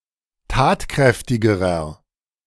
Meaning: inflection of tatkräftig: 1. strong/mixed nominative masculine singular comparative degree 2. strong genitive/dative feminine singular comparative degree 3. strong genitive plural comparative degree
- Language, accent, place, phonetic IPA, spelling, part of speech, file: German, Germany, Berlin, [ˈtaːtˌkʁɛftɪɡəʁɐ], tatkräftigerer, adjective, De-tatkräftigerer.ogg